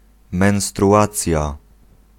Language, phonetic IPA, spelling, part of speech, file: Polish, [ˌmɛ̃w̃struˈʷat͡sʲja], menstruacja, noun, Pl-menstruacja.ogg